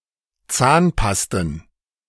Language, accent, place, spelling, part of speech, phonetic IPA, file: German, Germany, Berlin, Zahnpasten, noun, [ˈt͡saːnˌpastn̩], De-Zahnpasten.ogg
- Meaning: plural of Zahnpasta